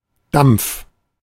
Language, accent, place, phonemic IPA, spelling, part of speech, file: German, Germany, Berlin, /dam(p)f/, Dampf, noun, De-Dampf.ogg
- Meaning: 1. steam 2. vapor / vapour